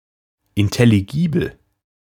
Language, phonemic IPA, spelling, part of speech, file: German, /ɪntɛliˈɡiːbl̩/, intelligibel, adjective, De-intelligibel.ogg
- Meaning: intelligible